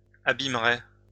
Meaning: first-person singular simple future of abîmer
- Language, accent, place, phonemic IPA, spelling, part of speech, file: French, France, Lyon, /a.bim.ʁe/, abîmerai, verb, LL-Q150 (fra)-abîmerai.wav